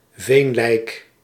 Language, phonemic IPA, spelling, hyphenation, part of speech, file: Dutch, /ˈveːn.lɛi̯k/, veenlijk, veen‧lijk, noun, Nl-veenlijk.ogg
- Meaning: bog body (mummified human remains found in a bog)